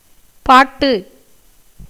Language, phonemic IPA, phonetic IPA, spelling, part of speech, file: Tamil, /pɑːʈːɯ/, [päːʈːɯ], பாட்டு, noun, Ta-பாட்டு.ogg
- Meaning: song